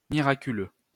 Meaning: miraculous
- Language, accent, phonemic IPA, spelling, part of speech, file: French, France, /mi.ʁa.ky.lø/, miraculeux, adjective, LL-Q150 (fra)-miraculeux.wav